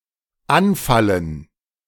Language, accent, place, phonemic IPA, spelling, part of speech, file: German, Germany, Berlin, /ˈanˌfalən/, anfallen, verb, De-anfallen.ogg
- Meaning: to set upon, to attack suddenly (especially of animals or persons compared to animals)